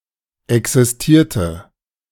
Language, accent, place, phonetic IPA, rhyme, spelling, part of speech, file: German, Germany, Berlin, [ˌɛksɪsˈtiːɐ̯tə], -iːɐ̯tə, existierte, verb, De-existierte.ogg
- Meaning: inflection of existieren: 1. first/third-person singular preterite 2. first/third-person singular subjunctive II